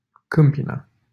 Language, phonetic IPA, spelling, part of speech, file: Romanian, [ˈkɨ̯m.pi.na], Câmpina, proper noun, LL-Q7913 (ron)-Câmpina.wav
- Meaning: a city in Prahova County, Romania